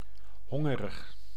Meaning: hungry
- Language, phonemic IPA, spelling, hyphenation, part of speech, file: Dutch, /ˈɦɔ.ŋə.rəx/, hongerig, hon‧ge‧rig, adjective, Nl-hongerig.ogg